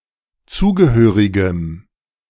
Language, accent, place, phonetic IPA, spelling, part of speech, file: German, Germany, Berlin, [ˈt͡suːɡəˌhøːʁɪɡəm], zugehörigem, adjective, De-zugehörigem.ogg
- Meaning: strong dative masculine/neuter singular of zugehörig